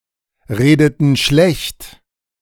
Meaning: inflection of schlechtreden: 1. first/third-person plural preterite 2. first/third-person plural subjunctive II
- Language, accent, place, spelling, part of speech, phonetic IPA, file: German, Germany, Berlin, redeten schlecht, verb, [ˌʁeːdətn̩ ˈʃlɛçt], De-redeten schlecht.ogg